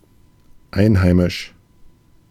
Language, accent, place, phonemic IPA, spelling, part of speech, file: German, Germany, Berlin, /ˈaɪ̯nˌhaɪ̯mɪʃ/, einheimisch, adjective, De-einheimisch.ogg
- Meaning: domestic (internal to a specific country)